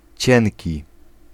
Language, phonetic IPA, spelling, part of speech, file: Polish, [ˈt͡ɕɛ̃nʲci], cienki, adjective, Pl-cienki.ogg